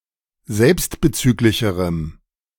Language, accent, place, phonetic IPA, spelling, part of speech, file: German, Germany, Berlin, [ˈzɛlpstbəˌt͡syːklɪçəʁəm], selbstbezüglicherem, adjective, De-selbstbezüglicherem.ogg
- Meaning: strong dative masculine/neuter singular comparative degree of selbstbezüglich